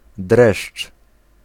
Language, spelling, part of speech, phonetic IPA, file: Polish, dreszcz, noun, [drɛʃt͡ʃ], Pl-dreszcz.ogg